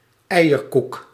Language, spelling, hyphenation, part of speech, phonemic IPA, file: Dutch, eierkoek, eierkoek, noun, /ˈɛi̯.(j)ərˌkuk/, Nl-eierkoek.ogg
- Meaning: a small, round sweet cake with a soft, dry texture; sometimes called (Dutch) egg cake